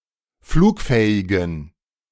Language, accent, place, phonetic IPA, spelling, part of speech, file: German, Germany, Berlin, [ˈfluːkˌfɛːɪɡn̩], flugfähigen, adjective, De-flugfähigen.ogg
- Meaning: inflection of flugfähig: 1. strong genitive masculine/neuter singular 2. weak/mixed genitive/dative all-gender singular 3. strong/weak/mixed accusative masculine singular 4. strong dative plural